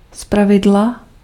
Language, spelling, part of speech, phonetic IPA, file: Czech, zpravidla, adverb, [ˈspravɪdla], Cs-zpravidla.ogg
- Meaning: as a rule